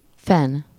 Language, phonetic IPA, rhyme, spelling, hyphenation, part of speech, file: Hungarian, [ˈfɛn], -ɛn, fen, fen, verb / noun, Hu-fen.ogg
- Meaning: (verb) 1. to sharpen, to whet, to hone 2. to rub, to smear; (noun) fen (unit of currency in China, one-hundredth of a yuan)